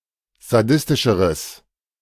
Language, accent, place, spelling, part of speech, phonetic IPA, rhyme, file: German, Germany, Berlin, sadistischeres, adjective, [zaˈdɪstɪʃəʁəs], -ɪstɪʃəʁəs, De-sadistischeres.ogg
- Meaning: strong/mixed nominative/accusative neuter singular comparative degree of sadistisch